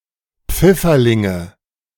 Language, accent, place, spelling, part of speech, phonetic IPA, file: German, Germany, Berlin, Pfifferlinge, noun, [ˈp͡fɪfɐˌlɪŋə], De-Pfifferlinge.ogg
- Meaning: nominative/accusative/genitive plural of Pfifferling